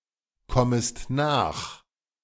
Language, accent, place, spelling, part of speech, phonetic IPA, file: German, Germany, Berlin, kommest nach, verb, [ˌkɔməst ˈnaːx], De-kommest nach.ogg
- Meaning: second-person singular subjunctive I of nachkommen